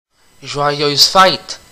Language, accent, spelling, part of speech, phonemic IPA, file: French, Canada, joyeuses fêtes, interjection, /ʒwa.jøz fɛt/, Qc-joyeuses fêtes.ogg
- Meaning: merry Christmas and a happy New Year; happy holidays